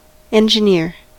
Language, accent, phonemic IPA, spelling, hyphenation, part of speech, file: English, General American, /ˌɛnd͡ʒɪˈnɪ(ə)ɹ/, engineer, en‧gin‧eer, noun / verb, En-us-engineer.ogg
- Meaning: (noun) 1. A soldier engaged in designing or constructing military works for attack or defence, or other engineering works 2. A soldier in charge of operating a weapon; an artilleryman, a gunner